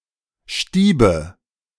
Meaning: inflection of stieben: 1. first-person singular present 2. first/third-person singular subjunctive I 3. singular imperative
- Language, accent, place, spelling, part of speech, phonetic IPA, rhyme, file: German, Germany, Berlin, stiebe, verb, [ˈʃtiːbə], -iːbə, De-stiebe.ogg